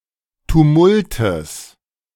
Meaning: genitive of Tumult
- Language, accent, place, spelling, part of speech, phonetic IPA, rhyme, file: German, Germany, Berlin, Tumultes, noun, [tuˈmʊltəs], -ʊltəs, De-Tumultes.ogg